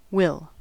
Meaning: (verb) 1. Used to express the future tense, sometimes with an implication of volition or determination when used in the first person. Compare shall 2. To be able to, to have the capacity to
- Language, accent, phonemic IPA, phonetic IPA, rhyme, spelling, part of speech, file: English, US, /wɪl/, [wɪɫ], -ɪl, will, verb / noun, En-us-will.ogg